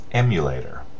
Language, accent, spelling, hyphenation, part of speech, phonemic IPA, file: English, US, emulator, em‧u‧la‧tor, noun, /ˈɛmjəˌleɪtəɹ/, En-us-emulator.ogg
- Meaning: 1. A person or thing that emulates 2. A piece of software or hardware that simulates another system